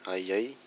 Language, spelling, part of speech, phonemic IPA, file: Malagasy, aiay, noun, /ajˈaj/, Mg-aiay.ogg
- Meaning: aye-aye (Daubentonia madagascariensis)